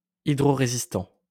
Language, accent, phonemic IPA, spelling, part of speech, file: French, France, /i.dʁo.ʁe.zis.tɑ̃/, hydrorésistant, adjective, LL-Q150 (fra)-hydrorésistant.wav
- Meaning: water-resistant